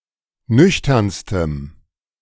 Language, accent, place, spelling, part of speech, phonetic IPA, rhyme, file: German, Germany, Berlin, nüchternstem, adjective, [ˈnʏçtɐnstəm], -ʏçtɐnstəm, De-nüchternstem.ogg
- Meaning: strong dative masculine/neuter singular superlative degree of nüchtern